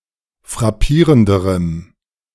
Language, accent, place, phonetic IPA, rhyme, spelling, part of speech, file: German, Germany, Berlin, [fʁaˈpiːʁəndəʁəm], -iːʁəndəʁəm, frappierenderem, adjective, De-frappierenderem.ogg
- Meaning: strong dative masculine/neuter singular comparative degree of frappierend